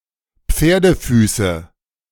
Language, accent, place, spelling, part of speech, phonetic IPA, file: German, Germany, Berlin, Pferdefüße, noun, [ˈp͡feːɐ̯dəˌfyːsə], De-Pferdefüße.ogg
- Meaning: nominative/accusative/genitive plural of Pferdefuß